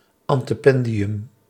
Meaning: antependium, frontal; the drapery hangings before an altar or lectern in a church
- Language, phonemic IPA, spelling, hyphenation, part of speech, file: Dutch, /ˌɑn.təˈpɛn.di.ʏm/, antependium, an‧te‧pen‧di‧um, noun, Nl-antependium.ogg